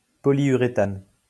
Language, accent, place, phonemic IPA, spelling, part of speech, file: French, France, Lyon, /pɔ.ljy.ʁe.tan/, polyuréthane, noun, LL-Q150 (fra)-polyuréthane.wav
- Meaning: polyurethane (any of various polymeric resins containing urethane links)